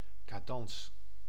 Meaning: cadence (rhythm)
- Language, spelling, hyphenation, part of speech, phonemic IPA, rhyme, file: Dutch, cadans, ca‧dans, noun, /kaːˈdɑns/, -ɑns, Nl-cadans.ogg